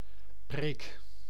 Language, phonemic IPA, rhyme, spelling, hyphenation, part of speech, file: Dutch, /preːk/, -eːk, preek, preek, noun, Nl-preek.ogg
- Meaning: 1. sermon 2. lecture (spoken lesson, also in a negative sense)